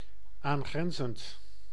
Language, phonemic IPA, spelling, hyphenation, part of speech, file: Dutch, /ˌaːnˈɣrɛn.zənt/, aangrenzend, aan‧gren‧zend, verb, Nl-aangrenzend.ogg
- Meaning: adjacent, bordering